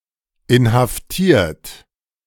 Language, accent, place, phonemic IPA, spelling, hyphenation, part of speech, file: German, Germany, Berlin, /ɪnhafˈtiːɐ̯t/, inhaftiert, in‧haf‧tiert, verb / adjective, De-inhaftiert.ogg
- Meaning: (verb) past participle of inhaftieren; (adjective) detained; imprisoned; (verb) inflection of inhaftieren: 1. third-person singular present 2. second-person plural present 3. plural imperative